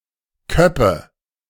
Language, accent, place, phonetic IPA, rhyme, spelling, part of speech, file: German, Germany, Berlin, [ˈkœpə], -œpə, Köppe, noun, De-Köppe.ogg
- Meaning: nominative/accusative/genitive plural of Kopp